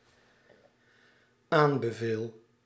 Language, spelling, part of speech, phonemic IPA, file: Dutch, aanbeveel, verb, /ˈambəˌvel/, Nl-aanbeveel.ogg
- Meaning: first-person singular dependent-clause present indicative of aanbevelen